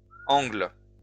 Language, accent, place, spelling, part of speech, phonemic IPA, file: French, France, Lyon, angles, noun, /ɑ̃ɡl/, LL-Q150 (fra)-angles.wav
- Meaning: plural of angle